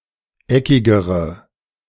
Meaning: inflection of eckig: 1. strong/mixed nominative/accusative feminine singular comparative degree 2. strong nominative/accusative plural comparative degree
- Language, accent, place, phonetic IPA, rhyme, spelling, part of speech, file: German, Germany, Berlin, [ˈɛkɪɡəʁə], -ɛkɪɡəʁə, eckigere, adjective, De-eckigere.ogg